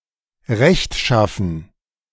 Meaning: righteous, virtuous
- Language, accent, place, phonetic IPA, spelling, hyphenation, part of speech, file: German, Germany, Berlin, [ˈʁɛçtˌʃafn̩], rechtschaffen, recht‧schaf‧fen, adjective, De-rechtschaffen.ogg